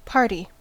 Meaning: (noun) 1. A person or group of people constituting one side in a legal proceeding, such as in a legal action or a contract 2. A person; an individual
- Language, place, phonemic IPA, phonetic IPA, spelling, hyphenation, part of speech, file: English, California, /ˈpɑɹti/, [ˈpʰɑɹɾi], party, par‧ty, noun / verb / adverb / adjective, En-us-party.ogg